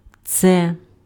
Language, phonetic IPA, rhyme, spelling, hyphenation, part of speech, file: Ukrainian, [t͡sɛ], -ɛ, це, це, pronoun / determiner, Uk-це.ogg
- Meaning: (pronoun) this, it (proximal demonstrative); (determiner) nominative/accusative/vocative neuter singular of цей (cej)